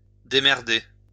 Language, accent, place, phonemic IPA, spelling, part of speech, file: French, France, Lyon, /de.mɛʁ.de/, démerder, verb, LL-Q150 (fra)-démerder.wav
- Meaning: 1. to manage, to get by 2. to figure something out